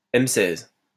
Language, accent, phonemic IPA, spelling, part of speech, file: French, France, /ɛm sɛz/, M16, noun, LL-Q150 (fra)-M16.wav
- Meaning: M-16 (assault rifle)